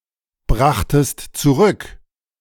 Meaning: second-person singular preterite of zurückbringen
- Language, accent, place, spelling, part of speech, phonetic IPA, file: German, Germany, Berlin, brachtest zurück, verb, [ˌbʁaxtəst t͡suˈʁʏk], De-brachtest zurück.ogg